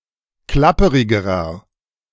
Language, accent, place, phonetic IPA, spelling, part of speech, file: German, Germany, Berlin, [ˈklapəʁɪɡəʁɐ], klapperigerer, adjective, De-klapperigerer.ogg
- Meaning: inflection of klapperig: 1. strong/mixed nominative masculine singular comparative degree 2. strong genitive/dative feminine singular comparative degree 3. strong genitive plural comparative degree